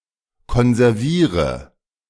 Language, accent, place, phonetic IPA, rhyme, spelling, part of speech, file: German, Germany, Berlin, [kɔnzɛʁˈviːʁə], -iːʁə, konserviere, verb, De-konserviere.ogg
- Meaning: inflection of konservieren: 1. first-person singular present 2. first/third-person singular subjunctive I 3. singular imperative